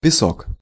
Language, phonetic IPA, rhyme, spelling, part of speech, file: Russian, [pʲɪˈsok], -ok, песок, noun, Ru-песок.ogg
- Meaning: 1. sand 2. quicksand 3. granulated sugar